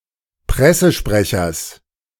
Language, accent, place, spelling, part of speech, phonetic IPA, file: German, Germany, Berlin, Pressesprechers, noun, [ˈpʁɛsəʃpʁɛçɐs], De-Pressesprechers.ogg
- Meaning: genitive singular of Pressesprecher